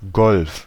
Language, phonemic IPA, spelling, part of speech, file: German, /ɡɔlf/, Golf, noun, De-Golf.ogg
- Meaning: 1. bay, gulf 2. golf 3. Volkswagen Golf, the most popular car in Germany throughout the 1980s and 1990s